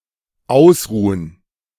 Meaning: 1. to rest, to recover (through rest and relaxation) 2. to rest (one's eyes, etc.)
- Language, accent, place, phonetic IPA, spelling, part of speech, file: German, Germany, Berlin, [ˈaʊ̯sˌʁuːən], ausruhen, verb, De-ausruhen.ogg